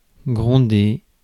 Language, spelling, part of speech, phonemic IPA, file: French, gronder, verb, /ɡʁɔ̃.de/, Fr-gronder.ogg
- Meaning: 1. to rumble, roar; to growl 2. to tell off, scold, chew out